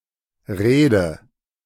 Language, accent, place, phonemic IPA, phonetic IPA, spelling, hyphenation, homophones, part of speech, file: German, Germany, Berlin, /ˈreːdə/, [ˈʁeːdə], Reede, Ree‧de, Rede / rede, noun, De-Reede.ogg
- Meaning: roadstead (partly-sheltered anchorage outside a harbour)